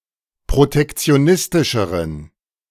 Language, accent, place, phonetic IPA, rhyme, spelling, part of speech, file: German, Germany, Berlin, [pʁotɛkt͡si̯oˈnɪstɪʃəʁən], -ɪstɪʃəʁən, protektionistischeren, adjective, De-protektionistischeren.ogg
- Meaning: inflection of protektionistisch: 1. strong genitive masculine/neuter singular comparative degree 2. weak/mixed genitive/dative all-gender singular comparative degree